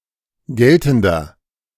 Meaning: inflection of geltend: 1. strong/mixed nominative masculine singular 2. strong genitive/dative feminine singular 3. strong genitive plural
- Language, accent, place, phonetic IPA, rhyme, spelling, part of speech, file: German, Germany, Berlin, [ˈɡɛltn̩dɐ], -ɛltn̩dɐ, geltender, adjective, De-geltender.ogg